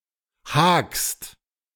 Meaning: second-person singular present of haken
- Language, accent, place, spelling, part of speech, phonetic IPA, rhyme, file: German, Germany, Berlin, hakst, verb, [haːkst], -aːkst, De-hakst.ogg